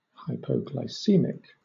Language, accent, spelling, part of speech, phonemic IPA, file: English, Southern England, hypoglycemic, adjective / noun, /ˌhaɪpəʊɡlaɪˈsiːmɪk/, LL-Q1860 (eng)-hypoglycemic.wav
- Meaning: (adjective) 1. Suffering from hypoglycemia 2. Causing hypoglycemia; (noun) A sufferer of hypoglycemia